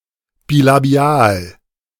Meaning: bilabial
- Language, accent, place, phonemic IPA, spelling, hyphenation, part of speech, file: German, Germany, Berlin, /bilaˈbi̯aːl/, Bilabial, Bi‧la‧bi‧al, noun, De-Bilabial.ogg